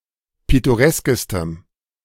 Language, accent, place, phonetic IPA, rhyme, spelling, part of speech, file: German, Germany, Berlin, [ˌpɪtoˈʁɛskəstəm], -ɛskəstəm, pittoreskestem, adjective, De-pittoreskestem.ogg
- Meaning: strong dative masculine/neuter singular superlative degree of pittoresk